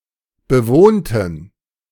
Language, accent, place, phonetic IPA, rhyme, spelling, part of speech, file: German, Germany, Berlin, [bəˈvoːntn̩], -oːntn̩, bewohnten, adjective / verb, De-bewohnten.ogg
- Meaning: inflection of bewohnt: 1. strong genitive masculine/neuter singular 2. weak/mixed genitive/dative all-gender singular 3. strong/weak/mixed accusative masculine singular 4. strong dative plural